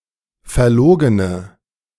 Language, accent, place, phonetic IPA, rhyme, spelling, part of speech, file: German, Germany, Berlin, [fɛɐ̯ˈloːɡənə], -oːɡənə, verlogene, adjective, De-verlogene.ogg
- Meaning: inflection of verlogen: 1. strong/mixed nominative/accusative feminine singular 2. strong nominative/accusative plural 3. weak nominative all-gender singular